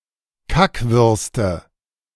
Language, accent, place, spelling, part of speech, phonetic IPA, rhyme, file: German, Germany, Berlin, Kackwürste, noun, [ˈkakvʏʁstə], -akvʏʁstə, De-Kackwürste.ogg
- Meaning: nominative/accusative/genitive plural of Kackwurst